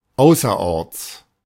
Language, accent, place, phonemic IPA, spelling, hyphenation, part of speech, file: German, Germany, Berlin, /ˈaʊ̯sɐʔɔʁt͡s/, außerorts, au‧ßer‧orts, adverb, De-außerorts.ogg
- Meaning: outside town